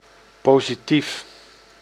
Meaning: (adjective) positive; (noun) 1. positive form of an adjective 2. positive of an image
- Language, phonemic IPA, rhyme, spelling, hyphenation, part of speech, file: Dutch, /ˌpoː.ziˈtif/, -if, positief, po‧si‧tief, adjective / noun, Nl-positief.ogg